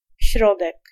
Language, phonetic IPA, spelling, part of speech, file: Polish, [ˈɕrɔdɛk], środek, noun, Pl-środek.ogg